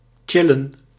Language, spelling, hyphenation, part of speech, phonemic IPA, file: Dutch, chillen, chil‧len, verb, /ˈtʃɪ.lə(n)/, Nl-chillen.ogg
- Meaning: to chill, to relax